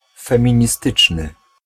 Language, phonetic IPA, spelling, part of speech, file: Polish, [ˌfɛ̃mʲĩɲiˈstɨt͡ʃnɨ], feministyczny, adjective, Pl-feministyczny.ogg